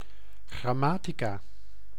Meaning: 1. grammar (rules for speaking and writing a language) 2. grammatical manual
- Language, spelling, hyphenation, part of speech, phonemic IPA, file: Dutch, grammatica, gram‧ma‧ti‧ca, noun, /ˌɣrɑˈmaː.ti.kaː/, Nl-grammatica.ogg